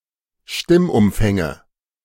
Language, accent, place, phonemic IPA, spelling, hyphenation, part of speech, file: German, Germany, Berlin, /ˈʃtɪmʔʊmˌfɛŋə/, Stimmumfänge, Stimm‧um‧fän‧ge, noun, De-Stimmumfänge.ogg
- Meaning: nominative genitive accusative plural of Stimmumfang